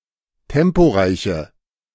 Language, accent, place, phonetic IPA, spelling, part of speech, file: German, Germany, Berlin, [ˈtɛmpoˌʁaɪ̯çə], temporeiche, adjective, De-temporeiche.ogg
- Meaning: inflection of temporeich: 1. strong/mixed nominative/accusative feminine singular 2. strong nominative/accusative plural 3. weak nominative all-gender singular